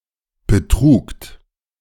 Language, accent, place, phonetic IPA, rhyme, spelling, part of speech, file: German, Germany, Berlin, [bəˈtʁuːkt], -uːkt, betrugt, verb, De-betrugt.ogg
- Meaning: second-person plural preterite of betragen